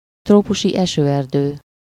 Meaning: tropical rainforest
- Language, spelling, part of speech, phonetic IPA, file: Hungarian, trópusi esőerdő, noun, [ˈtroːpuʃi ˌɛʃøːɛrdøː], Hu-trópusi esőerdő.ogg